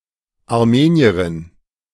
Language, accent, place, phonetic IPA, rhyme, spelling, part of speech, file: German, Germany, Berlin, [aʁˈmeːni̯əʁɪn], -eːni̯əʁɪn, Armenierin, noun, De-Armenierin.ogg
- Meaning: female Armenian